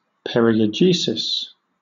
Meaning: A description of an area or territory
- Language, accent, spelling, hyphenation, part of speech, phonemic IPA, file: English, Southern England, periegesis, pe‧ri‧e‧ge‧sis, noun, /ˌpɛ.ɹɪ.əˈd͡ʒiː.sɪs/, LL-Q1860 (eng)-periegesis.wav